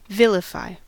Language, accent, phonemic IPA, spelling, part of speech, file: English, US, /ˈvɪl.ɪ.faɪ/, vilify, verb, En-us-vilify.ogg
- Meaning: 1. To say defamatory things about someone or something; to speak ill of 2. To belittle through speech; to put down